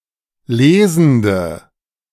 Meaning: inflection of lesend: 1. strong/mixed nominative/accusative feminine singular 2. strong nominative/accusative plural 3. weak nominative all-gender singular 4. weak accusative feminine/neuter singular
- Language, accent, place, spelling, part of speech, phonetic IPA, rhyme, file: German, Germany, Berlin, lesende, adjective, [ˈleːzn̩də], -eːzn̩də, De-lesende.ogg